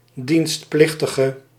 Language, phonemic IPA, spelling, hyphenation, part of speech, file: Dutch, /ˌdinstˈplɪx.tə.ɣə/, dienstplichtige, dienst‧plich‧ti‧ge, noun / adjective, Nl-dienstplichtige.ogg
- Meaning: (noun) draftee, conscript (non-volunteer (para)military recruit); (adjective) inflection of dienstplichtig: 1. masculine/feminine singular attributive 2. definite neuter singular attributive